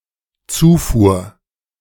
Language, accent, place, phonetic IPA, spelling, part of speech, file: German, Germany, Berlin, [ˈt͡suːˌfuːɐ̯], Zufuhr, noun, De-Zufuhr.ogg
- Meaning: 1. supply 2. influx, intake 3. feed